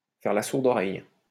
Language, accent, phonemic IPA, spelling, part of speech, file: French, France, /fɛʁ la suʁ.d‿ɔ.ʁɛj/, faire la sourde oreille, verb, LL-Q150 (fra)-faire la sourde oreille.wav
- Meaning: to turn a deaf ear